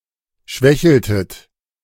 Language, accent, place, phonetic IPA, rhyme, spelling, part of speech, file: German, Germany, Berlin, [ˈʃvɛçl̩tət], -ɛçl̩tət, schwächeltet, verb, De-schwächeltet.ogg
- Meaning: inflection of schwächeln: 1. second-person plural preterite 2. second-person plural subjunctive II